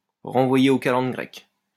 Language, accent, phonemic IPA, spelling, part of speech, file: French, France, /ʁɑ̃.vwa.je o ka.lɑ̃d ɡʁɛk/, renvoyer aux calendes grecques, verb, LL-Q150 (fra)-renvoyer aux calendes grecques.wav
- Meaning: to postpone indefinitely